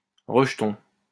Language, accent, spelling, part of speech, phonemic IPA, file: French, France, rejeton, noun, /ʁə.ʒ(ə).tɔ̃/, LL-Q150 (fra)-rejeton.wav
- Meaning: 1. shoot 2. offshoot 3. scion 4. kid